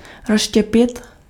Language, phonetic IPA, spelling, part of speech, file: Czech, [ˈrosʃcɛpɪt], rozštěpit, verb, Cs-rozštěpit.ogg
- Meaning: 1. to split, rend, divide 2. to split, divide